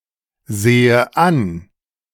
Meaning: inflection of ansehen: 1. first-person singular present 2. first/third-person singular subjunctive I
- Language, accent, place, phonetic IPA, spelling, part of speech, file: German, Germany, Berlin, [ˌzeːə ˈan], sehe an, verb, De-sehe an.ogg